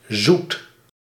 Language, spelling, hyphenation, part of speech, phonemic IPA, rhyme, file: Dutch, zoet, zoet, adjective / noun / verb, /zut/, -ut, Nl-zoet.ogg
- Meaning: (adjective) 1. sweet-tasting 2. sweet, pleasant 3. calm; well-behaved, like an obedient child 4. fresh, potable, not saline; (noun) 1. the sweet taste 2. sweets, such as candy 3. good things in life